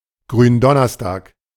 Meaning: Maundy Thursday
- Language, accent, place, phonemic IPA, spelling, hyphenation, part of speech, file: German, Germany, Berlin, /ɡʁyːnˈdɔnɐstaːk/, Gründonnerstag, Grün‧don‧ners‧tag, proper noun, De-Gründonnerstag.ogg